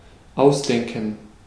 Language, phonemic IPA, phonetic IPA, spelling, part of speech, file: German, /ˈaʊ̯sˌdɛŋkən/, [ˈʔaʊ̯sˌdɛŋkŋ̍], ausdenken, verb, De-ausdenken.ogg
- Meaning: to come up with, to think up, to make up (a story, a plan, a strategy, lies etc.)